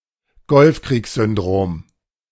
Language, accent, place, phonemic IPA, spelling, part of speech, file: German, Germany, Berlin, /ˈɡɔlfkʁiːkszʏnˌdʁoːm/, Golfkriegssyndrom, noun, De-Golfkriegssyndrom.ogg
- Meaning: Gulf War syndrome